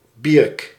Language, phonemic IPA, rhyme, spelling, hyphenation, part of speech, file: Dutch, /biːrk/, -iːrk, Bierk, Bierk, proper noun, Nl-Bierk.ogg
- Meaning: Bierghes, a village in Belgium